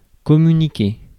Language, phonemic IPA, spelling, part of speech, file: French, /kɔ.my.ni.ke/, communiquer, verb, Fr-communiquer.ogg
- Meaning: to communicate